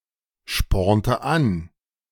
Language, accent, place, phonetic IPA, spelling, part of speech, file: German, Germany, Berlin, [ˌʃpɔʁntə ˈan], spornte an, verb, De-spornte an.ogg
- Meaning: inflection of anspornen: 1. first/third-person singular preterite 2. first/third-person singular subjunctive II